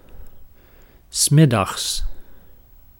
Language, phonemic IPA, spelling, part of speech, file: Dutch, /ˈsmɪ.dɑxs/, 's middags, adverb, Nl-'s middags.ogg
- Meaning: 1. at noon 2. in the afternoon